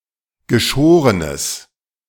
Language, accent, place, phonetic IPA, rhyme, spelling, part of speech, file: German, Germany, Berlin, [ɡəˈʃoːʁənəs], -oːʁənəs, geschorenes, adjective, De-geschorenes.ogg
- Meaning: strong/mixed nominative/accusative neuter singular of geschoren